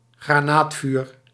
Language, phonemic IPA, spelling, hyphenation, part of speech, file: Dutch, /ɣraːˈnaːtˌfyːr/, granaatvuur, gra‧naat‧vuur, noun, Nl-granaatvuur.ogg
- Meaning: shellfire (artillery bombardment)